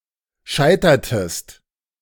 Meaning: inflection of scheitern: 1. second-person singular preterite 2. second-person singular subjunctive II
- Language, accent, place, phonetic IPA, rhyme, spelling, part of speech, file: German, Germany, Berlin, [ˈʃaɪ̯tɐtəst], -aɪ̯tɐtəst, scheitertest, verb, De-scheitertest.ogg